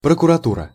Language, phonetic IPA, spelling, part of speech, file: Russian, [prəkʊrɐˈturə], прокуратура, noun, Ru-прокуратура.ogg
- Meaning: 1. Prosecutor's Office, prosecution 2. procuratorate